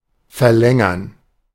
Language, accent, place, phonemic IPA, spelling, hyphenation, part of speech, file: German, Germany, Berlin, /fɛɐ̯ˈlɛŋɐn/, verlängern, ver‧län‧gern, verb, De-verlängern.ogg
- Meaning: 1. to lengthen 2. to prolong, to extend